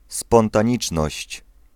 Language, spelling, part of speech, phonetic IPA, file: Polish, spontaniczność, noun, [ˌspɔ̃ntãˈɲit͡ʃnɔɕt͡ɕ], Pl-spontaniczność.ogg